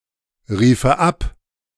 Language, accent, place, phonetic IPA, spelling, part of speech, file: German, Germany, Berlin, [ˌʁiːfə ˈap], riefe ab, verb, De-riefe ab.ogg
- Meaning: first/third-person singular subjunctive II of abrufen